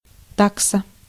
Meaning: 1. fixed rate, tariff 2. dachshund
- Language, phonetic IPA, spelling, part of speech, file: Russian, [ˈtaksə], такса, noun, Ru-такса.ogg